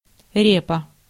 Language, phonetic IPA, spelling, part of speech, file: Russian, [ˈrʲepə], репа, noun, Ru-репа.ogg
- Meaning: 1. turnip 2. head 3. reputation 4. clipping of репозито́рий (repozitórij): repository